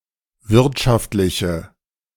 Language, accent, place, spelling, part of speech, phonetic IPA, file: German, Germany, Berlin, wirtschaftliche, adjective, [ˈvɪʁtʃaftlɪçə], De-wirtschaftliche.ogg
- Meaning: inflection of wirtschaftlich: 1. strong/mixed nominative/accusative feminine singular 2. strong nominative/accusative plural 3. weak nominative all-gender singular